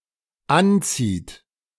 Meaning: inflection of anziehen: 1. third-person singular dependent present 2. second-person plural dependent present
- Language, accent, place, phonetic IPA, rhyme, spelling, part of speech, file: German, Germany, Berlin, [ˈanˌt͡siːt], -ant͡siːt, anzieht, verb, De-anzieht.ogg